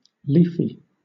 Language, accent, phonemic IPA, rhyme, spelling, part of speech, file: English, Southern England, /ˈliːfi/, -iːfi, leafy, adjective, LL-Q1860 (eng)-leafy.wav
- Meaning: 1. Covered with leaves 2. Containing much foliage 3. In the form of leaves (of some material) 4. Resembling a leaf 5. Wealthy, middle- or upper-class